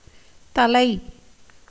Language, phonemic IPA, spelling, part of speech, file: Tamil, /t̪ɐlɐɪ̯/, தலை, noun / adverb / verb, Ta-தலை.ogg
- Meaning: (noun) 1. head 2. that which is first, best, highest 3. leader, head 4. husband 5. origin, beginning, source, commencement 6. apex, top 7. end, tip 8. skull 9. hair (on head) 10. finish, close